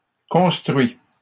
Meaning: 1. third-person singular present indicative of construire 2. past participle of construire
- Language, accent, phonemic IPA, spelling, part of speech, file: French, Canada, /kɔ̃s.tʁɥi/, construit, verb, LL-Q150 (fra)-construit.wav